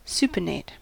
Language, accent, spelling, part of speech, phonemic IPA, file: English, US, supinate, verb, /ˈsuː.pəˌneɪt/, En-us-supinate.ogg